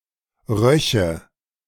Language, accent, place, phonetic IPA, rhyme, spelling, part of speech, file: German, Germany, Berlin, [ˈʁœçə], -œçə, röche, verb, De-röche.ogg
- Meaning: first/third-person singular subjunctive II of riechen